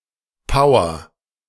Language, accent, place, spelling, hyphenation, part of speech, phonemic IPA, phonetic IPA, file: German, Germany, Berlin, Power, Po‧w‧er, noun, /ˈpaʊ̯ər/, [ˈpaʊ̯ɐ], De-Power.ogg
- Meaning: 1. strength, energy, physical power 2. power